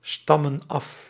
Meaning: inflection of afstammen: 1. plural present indicative 2. plural present subjunctive
- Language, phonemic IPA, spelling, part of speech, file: Dutch, /ˈstɑmə(n) ˈɑf/, stammen af, verb, Nl-stammen af.ogg